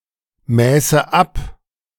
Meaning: first/third-person singular subjunctive II of abmessen
- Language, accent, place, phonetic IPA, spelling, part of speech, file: German, Germany, Berlin, [ˌmɛːsə ˈap], mäße ab, verb, De-mäße ab.ogg